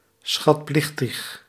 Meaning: 1. tributary, obliged to pay a form of tribute 2. obliged, having some (notably moral) debt
- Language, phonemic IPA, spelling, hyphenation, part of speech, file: Dutch, /ˌsxɑtˈplɪx.təx/, schatplichtig, schat‧plich‧tig, adjective, Nl-schatplichtig.ogg